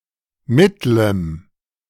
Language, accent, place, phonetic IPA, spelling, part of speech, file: German, Germany, Berlin, [ˈmɪtlm̩], mittlem, adjective, De-mittlem.ogg
- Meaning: strong dative masculine/neuter singular of mittel